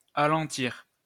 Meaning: to slow down
- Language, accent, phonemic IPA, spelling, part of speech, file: French, France, /a.lɑ̃.tiʁ/, alentir, verb, LL-Q150 (fra)-alentir.wav